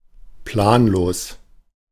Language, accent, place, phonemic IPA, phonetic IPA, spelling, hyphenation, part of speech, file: German, Germany, Berlin, /ˈplaːnˌloːs/, [ˈpʰlaːnˌloːs], planlos, plan‧los, adjective, De-planlos.ogg
- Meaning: 1. without a plan, haphazard 2. clueless